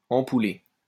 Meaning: exaggerated; over the top
- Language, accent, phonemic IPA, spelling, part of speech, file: French, France, /ɑ̃.pu.le/, ampoulé, adjective, LL-Q150 (fra)-ampoulé.wav